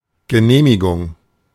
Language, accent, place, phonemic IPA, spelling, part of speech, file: German, Germany, Berlin, /ɡəˈneːmiɡʊŋ/, Genehmigung, noun, De-Genehmigung.ogg
- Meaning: permit